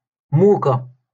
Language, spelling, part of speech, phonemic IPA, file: Moroccan Arabic, موكة, noun, /muː.ka/, LL-Q56426 (ary)-موكة.wav
- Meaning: owl